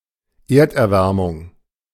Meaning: global warming
- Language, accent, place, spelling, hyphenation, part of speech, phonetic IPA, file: German, Germany, Berlin, Erderwärmung, Erd‧er‧wär‧mung, noun, [ˈeːɐ̯tʔɛɐ̯ˌvɛʁmʊŋ], De-Erderwärmung.ogg